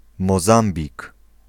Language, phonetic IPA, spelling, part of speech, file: Polish, [mɔˈzãmbʲik], Mozambik, proper noun, Pl-Mozambik.ogg